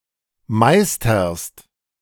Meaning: second-person singular present of meistern
- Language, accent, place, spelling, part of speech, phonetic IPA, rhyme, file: German, Germany, Berlin, meisterst, verb, [ˈmaɪ̯stɐst], -aɪ̯stɐst, De-meisterst.ogg